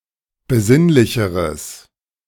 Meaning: strong/mixed nominative/accusative neuter singular comparative degree of besinnlich
- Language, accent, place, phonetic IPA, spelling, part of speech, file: German, Germany, Berlin, [bəˈzɪnlɪçəʁəs], besinnlicheres, adjective, De-besinnlicheres.ogg